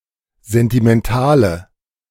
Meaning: inflection of sentimental: 1. strong/mixed nominative/accusative feminine singular 2. strong nominative/accusative plural 3. weak nominative all-gender singular
- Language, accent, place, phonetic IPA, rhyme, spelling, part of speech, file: German, Germany, Berlin, [ˌzɛntimɛnˈtaːlə], -aːlə, sentimentale, adjective, De-sentimentale.ogg